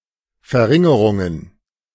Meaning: plural of Verringerung
- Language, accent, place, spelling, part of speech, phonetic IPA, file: German, Germany, Berlin, Verringerungen, noun, [fɛɐ̯ˈʁɪŋəʁʊŋən], De-Verringerungen.ogg